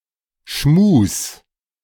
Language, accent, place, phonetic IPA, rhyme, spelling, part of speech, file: German, Germany, Berlin, [ʃmuːs], -uːs, Schmus, noun, De-Schmus.ogg
- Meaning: genitive singular of Schmu